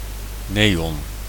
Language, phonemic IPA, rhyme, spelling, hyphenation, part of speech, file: Dutch, /ˈneː.ɔn/, -eːɔn, neon, ne‧on, noun, Nl-neon.ogg
- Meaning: neon